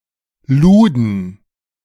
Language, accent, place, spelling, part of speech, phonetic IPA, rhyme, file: German, Germany, Berlin, Luden, noun, [ˈluːdn̩], -uːdn̩, De-Luden.ogg
- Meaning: 1. genitive singular of Lude 2. plural of Lude